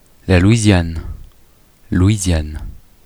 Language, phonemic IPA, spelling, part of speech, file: French, /lwi.zjan/, Louisiane, proper noun, Fr-Louisiane.ogg
- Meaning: 1. Louisiana (a state in the Deep South and South Central regions of the United States) 2. Louisiana (former French territory in North America)